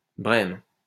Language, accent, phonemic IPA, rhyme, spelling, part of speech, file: French, France, /bʁɛm/, -ɛm, brème, noun, LL-Q150 (fra)-brème.wav
- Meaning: 1. bream (fish of the genus Abramis) 2. eggplant, aubergine